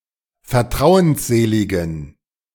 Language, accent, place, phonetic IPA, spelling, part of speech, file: German, Germany, Berlin, [fɛɐ̯ˈtʁaʊ̯ənsˌzeːlɪɡn̩], vertrauensseligen, adjective, De-vertrauensseligen.ogg
- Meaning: inflection of vertrauensselig: 1. strong genitive masculine/neuter singular 2. weak/mixed genitive/dative all-gender singular 3. strong/weak/mixed accusative masculine singular 4. strong dative plural